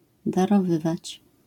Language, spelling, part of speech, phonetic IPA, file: Polish, darowywać, verb, [ˌdarɔˈvɨvat͡ɕ], LL-Q809 (pol)-darowywać.wav